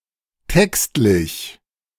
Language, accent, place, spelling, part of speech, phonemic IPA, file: German, Germany, Berlin, textlich, adjective, /ˈtɛkstlɪç/, De-textlich.ogg
- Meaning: textual (pertaining to a text)